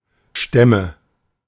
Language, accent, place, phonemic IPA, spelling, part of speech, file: German, Germany, Berlin, /ˈʃtɛmə/, Stämme, noun, De-Stämme.ogg
- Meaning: nominative/genitive/accusative plural of Stamm